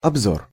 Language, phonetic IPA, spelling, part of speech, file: Russian, [ɐbˈzor], обзор, noun, Ru-обзор.ogg
- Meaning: 1. field of view/vision 2. review, overview, roundup, survey 3. inspection